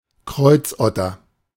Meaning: common European adder, (Vipera berus)
- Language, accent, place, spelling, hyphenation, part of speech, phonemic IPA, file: German, Germany, Berlin, Kreuzotter, Kreuz‧ot‧ter, noun, /ˈkʁɔɪ̯t͡sˌʔɔtɐ/, De-Kreuzotter.ogg